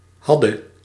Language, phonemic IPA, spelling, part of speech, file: Dutch, /ˈɦɑ.də/, hadde, contraction / verb, Nl-hadde.ogg
- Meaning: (contraction) contraction of hadt + gij; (verb) singular past subjunctive of hebben